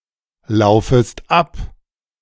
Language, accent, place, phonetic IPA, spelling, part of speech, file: German, Germany, Berlin, [ˌlaʊ̯fəst ˈap], laufest ab, verb, De-laufest ab.ogg
- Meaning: second-person singular subjunctive I of ablaufen